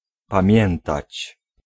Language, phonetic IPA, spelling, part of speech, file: Polish, [pãˈmʲjɛ̃ntat͡ɕ], pamiętać, verb, Pl-pamiętać.ogg